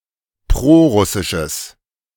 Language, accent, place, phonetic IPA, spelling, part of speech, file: German, Germany, Berlin, [ˈpʁoːˌʁʊsɪʃəs], prorussisches, adjective, De-prorussisches.ogg
- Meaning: strong/mixed nominative/accusative neuter singular of prorussisch